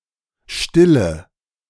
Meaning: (verb) inflection of stillen: 1. first-person singular present 2. singular imperative 3. first/third-person singular subjunctive I
- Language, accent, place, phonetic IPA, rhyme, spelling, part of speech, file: German, Germany, Berlin, [ˈʃtɪlə], -ɪlə, stille, verb / adjective, De-stille.ogg